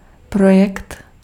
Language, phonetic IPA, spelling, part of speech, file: Czech, [ˈprojɛkt], projekt, noun, Cs-projekt.ogg
- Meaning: project (planned endeavor)